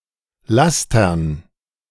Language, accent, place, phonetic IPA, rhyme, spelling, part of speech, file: German, Germany, Berlin, [ˈlastɐn], -astɐn, Lastern, noun, De-Lastern.ogg
- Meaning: dative plural of Laster